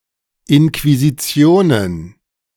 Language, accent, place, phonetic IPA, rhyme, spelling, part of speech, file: German, Germany, Berlin, [ɪnkviziˈt͡si̯oːnən], -oːnən, Inquisitionen, noun, De-Inquisitionen.ogg
- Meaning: plural of Inquisition